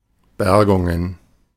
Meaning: plural of Bergung
- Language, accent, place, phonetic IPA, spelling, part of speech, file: German, Germany, Berlin, [ˈbɛʁɡʊŋən], Bergungen, noun, De-Bergungen.ogg